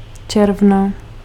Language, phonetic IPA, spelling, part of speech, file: Czech, [ˈt͡ʃɛrvna], června, noun, Cs-června.ogg
- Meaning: genitive singular of červen